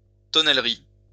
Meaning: 1. cooperage (art of a cooper) 2. cooper (business)
- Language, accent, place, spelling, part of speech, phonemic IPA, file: French, France, Lyon, tonnellerie, noun, /tɔ.nɛl.ʁi/, LL-Q150 (fra)-tonnellerie.wav